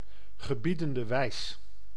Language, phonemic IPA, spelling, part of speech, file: Dutch, /ɣəˈbidəndə ˈʋɛi̯s/, gebiedende wijs, noun, Nl-gebiedende wijs.ogg
- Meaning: imperative mood